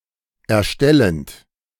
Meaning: present participle of erstellen
- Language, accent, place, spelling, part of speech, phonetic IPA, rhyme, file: German, Germany, Berlin, erstellend, verb, [ɛɐ̯ˈʃtɛlənt], -ɛlənt, De-erstellend.ogg